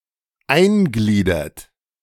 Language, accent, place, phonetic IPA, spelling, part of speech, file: German, Germany, Berlin, [ˈaɪ̯nˌɡliːdɐt], eingliedert, verb, De-eingliedert.ogg
- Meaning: inflection of eingliedern: 1. second-person plural present 2. third-person singular present 3. plural imperative